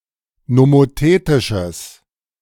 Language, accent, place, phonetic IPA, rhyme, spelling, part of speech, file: German, Germany, Berlin, [nomoˈteːtɪʃəs], -eːtɪʃəs, nomothetisches, adjective, De-nomothetisches.ogg
- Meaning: strong/mixed nominative/accusative neuter singular of nomothetisch